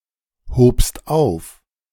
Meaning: second-person singular preterite of aufheben
- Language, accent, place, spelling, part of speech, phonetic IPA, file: German, Germany, Berlin, hobst auf, verb, [ˌhoːpst ˈaʊ̯f], De-hobst auf.ogg